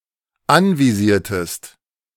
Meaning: inflection of anvisieren: 1. second-person singular dependent preterite 2. second-person singular dependent subjunctive II
- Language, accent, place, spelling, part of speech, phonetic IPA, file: German, Germany, Berlin, anvisiertest, verb, [ˈanviˌziːɐ̯təst], De-anvisiertest.ogg